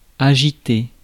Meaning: 1. to shake, to wave (to move back and forth) 2. to agitate
- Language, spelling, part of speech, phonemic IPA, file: French, agiter, verb, /a.ʒi.te/, Fr-agiter.ogg